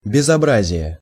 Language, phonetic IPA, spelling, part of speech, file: Russian, [bʲɪzɐˈbrazʲɪje], безобразие, noun, Ru-безобразие.ogg
- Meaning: 1. ugliness 2. deformity 3. mess 4. disgrace, outrage, scandal